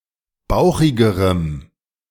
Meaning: strong dative masculine/neuter singular comparative degree of bauchig
- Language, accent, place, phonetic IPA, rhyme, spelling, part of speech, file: German, Germany, Berlin, [ˈbaʊ̯xɪɡəʁəm], -aʊ̯xɪɡəʁəm, bauchigerem, adjective, De-bauchigerem.ogg